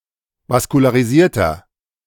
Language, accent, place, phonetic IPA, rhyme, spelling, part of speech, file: German, Germany, Berlin, [vaskulaːʁiˈziːɐ̯tɐ], -iːɐ̯tɐ, vaskularisierter, adjective, De-vaskularisierter.ogg
- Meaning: inflection of vaskularisiert: 1. strong/mixed nominative masculine singular 2. strong genitive/dative feminine singular 3. strong genitive plural